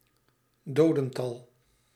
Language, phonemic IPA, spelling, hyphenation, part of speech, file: Dutch, /ˈdoː.də(n)ˌtɑl/, dodental, do‧den‧tal, noun, Nl-dodental.ogg
- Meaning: death toll, number of deaths, death tally